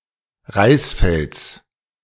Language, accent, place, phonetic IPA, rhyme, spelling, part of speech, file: German, Germany, Berlin, [ˈʁaɪ̯sˌfɛlt͡s], -aɪ̯sfɛlt͡s, Reisfelds, noun, De-Reisfelds.ogg
- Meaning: genitive singular of Reisfeld